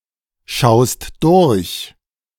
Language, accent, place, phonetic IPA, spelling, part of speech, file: German, Germany, Berlin, [ˌʃaʊ̯st ˈdʊʁç], schaust durch, verb, De-schaust durch.ogg
- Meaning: second-person singular present of durchschauen